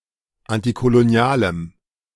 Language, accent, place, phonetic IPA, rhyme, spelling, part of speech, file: German, Germany, Berlin, [ˌantikoloˈni̯aːləm], -aːləm, antikolonialem, adjective, De-antikolonialem.ogg
- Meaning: strong dative masculine/neuter singular of antikolonial